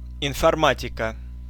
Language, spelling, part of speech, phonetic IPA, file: Russian, информатика, noun, [ɪnfɐrˈmatʲɪkə], Ru-информатика.ogg
- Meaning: 1. informatics 2. computer science